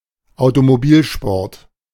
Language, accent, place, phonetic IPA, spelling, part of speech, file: German, Germany, Berlin, [aʊ̯tomoˈbiːlʃpɔʁt], Automobilsport, noun, De-Automobilsport.ogg
- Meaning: 1. autosport 2. motor racing